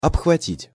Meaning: 1. to clasp 2. to embrace, to enfold 3. to grapple 4. to encompass
- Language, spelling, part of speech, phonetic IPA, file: Russian, обхватить, verb, [ɐpxvɐˈtʲitʲ], Ru-обхватить.ogg